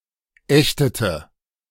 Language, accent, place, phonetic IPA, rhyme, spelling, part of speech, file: German, Germany, Berlin, [ˈɛçtətə], -ɛçtətə, ächtete, verb, De-ächtete.ogg
- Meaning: inflection of ächten: 1. first/third-person singular preterite 2. first/third-person singular subjunctive II